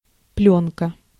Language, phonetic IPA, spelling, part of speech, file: Russian, [ˈplʲɵnkə], плёнка, noun, Ru-плёнка.ogg
- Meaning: film, pellicle, tape